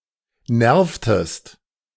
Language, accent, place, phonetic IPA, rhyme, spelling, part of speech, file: German, Germany, Berlin, [ˈnɛʁftəst], -ɛʁftəst, nervtest, verb, De-nervtest.ogg
- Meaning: inflection of nerven: 1. second-person singular preterite 2. second-person singular subjunctive II